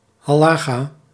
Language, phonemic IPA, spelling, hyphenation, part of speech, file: Dutch, /ˌɦaː.lɑˈxaː/, halacha, ha‧la‧cha, proper noun, Nl-halacha.ogg
- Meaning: Halacha